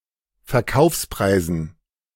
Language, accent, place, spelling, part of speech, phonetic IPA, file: German, Germany, Berlin, Verkaufspreisen, noun, [fɛɐ̯ˈkaʊ̯fsˌpʁaɪ̯zn̩], De-Verkaufspreisen.ogg
- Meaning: dative plural of Verkaufspreis